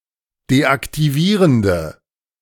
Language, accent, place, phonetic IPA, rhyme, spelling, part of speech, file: German, Germany, Berlin, [deʔaktiˈviːʁəndə], -iːʁəndə, deaktivierende, adjective, De-deaktivierende.ogg
- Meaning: inflection of deaktivierend: 1. strong/mixed nominative/accusative feminine singular 2. strong nominative/accusative plural 3. weak nominative all-gender singular